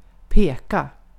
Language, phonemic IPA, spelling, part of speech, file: Swedish, /peːka/, peka, verb, Sv-peka.ogg
- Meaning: to point